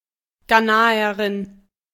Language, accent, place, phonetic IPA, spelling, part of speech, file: German, Germany, Berlin, [ˈɡaːnaəʁɪn], Ghanaerin, noun, De-Ghanaerin.ogg
- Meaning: Ghanaian (woman from Ghana or of Ghanaian descent)